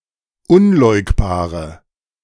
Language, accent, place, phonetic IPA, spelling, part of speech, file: German, Germany, Berlin, [ˈʊnˌlɔɪ̯kbaːʁə], unleugbare, adjective, De-unleugbare.ogg
- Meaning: inflection of unleugbar: 1. strong/mixed nominative/accusative feminine singular 2. strong nominative/accusative plural 3. weak nominative all-gender singular